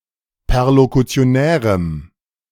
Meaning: strong dative masculine/neuter singular of perlokutionär
- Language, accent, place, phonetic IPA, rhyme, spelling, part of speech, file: German, Germany, Berlin, [pɛʁlokut͡si̯oˈnɛːʁəm], -ɛːʁəm, perlokutionärem, adjective, De-perlokutionärem.ogg